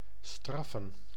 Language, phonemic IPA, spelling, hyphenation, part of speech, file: Dutch, /ˈstrɑfə(n)/, straffen, straf‧fen, verb / noun, Nl-straffen.ogg
- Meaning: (verb) 1. to punish 2. to sentence; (noun) plural of straf